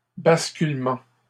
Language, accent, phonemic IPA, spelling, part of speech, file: French, Canada, /bas.kyl.mɑ̃/, basculement, noun, LL-Q150 (fra)-basculement.wav
- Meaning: 1. the act or result of toppling or falling 2. transfer, transition 3. failover